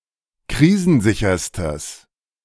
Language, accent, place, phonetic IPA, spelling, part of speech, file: German, Germany, Berlin, [ˈkʁiːzn̩ˌzɪçɐstəs], krisensicherstes, adjective, De-krisensicherstes.ogg
- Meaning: strong/mixed nominative/accusative neuter singular superlative degree of krisensicher